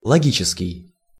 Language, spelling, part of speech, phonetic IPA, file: Russian, логический, adjective, [ɫɐˈɡʲit͡ɕɪskʲɪj], Ru-логический.ogg
- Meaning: logical